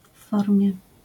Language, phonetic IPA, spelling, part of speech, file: Polish, [ˈf‿ːɔrmʲjɛ], w formie, prepositional phrase / adjectival phrase, LL-Q809 (pol)-w formie.wav